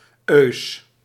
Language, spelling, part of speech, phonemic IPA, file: Dutch, -eus, suffix, /øːs/, Nl--eus.ogg
- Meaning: suffix used to form adjectives